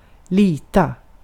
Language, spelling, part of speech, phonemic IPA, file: Swedish, lita, verb, /liːta/, Sv-lita.ogg
- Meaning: 1. to trust (have confidence in) 2. to rely on (trust in, in that sense)